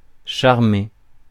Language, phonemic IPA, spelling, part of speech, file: French, /ʃaʁ.me/, charmer, verb, Fr-charmer.ogg
- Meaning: 1. to charm (with magic) 2. to charm